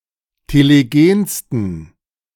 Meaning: 1. superlative degree of telegen 2. inflection of telegen: strong genitive masculine/neuter singular superlative degree
- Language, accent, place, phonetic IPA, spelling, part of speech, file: German, Germany, Berlin, [teleˈɡeːnstn̩], telegensten, adjective, De-telegensten.ogg